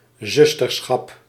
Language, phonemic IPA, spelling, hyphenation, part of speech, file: Dutch, /ˈzʏs.tərˌsxɑp/, zusterschap, zus‧ter‧schap, noun, Nl-zusterschap.ogg
- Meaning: sisterhood